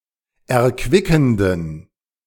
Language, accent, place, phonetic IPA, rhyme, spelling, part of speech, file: German, Germany, Berlin, [ɛɐ̯ˈkvɪkn̩dən], -ɪkn̩dən, erquickenden, adjective, De-erquickenden.ogg
- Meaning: inflection of erquickend: 1. strong genitive masculine/neuter singular 2. weak/mixed genitive/dative all-gender singular 3. strong/weak/mixed accusative masculine singular 4. strong dative plural